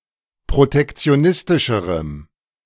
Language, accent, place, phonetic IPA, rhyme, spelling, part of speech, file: German, Germany, Berlin, [pʁotɛkt͡si̯oˈnɪstɪʃəʁəm], -ɪstɪʃəʁəm, protektionistischerem, adjective, De-protektionistischerem.ogg
- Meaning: strong dative masculine/neuter singular comparative degree of protektionistisch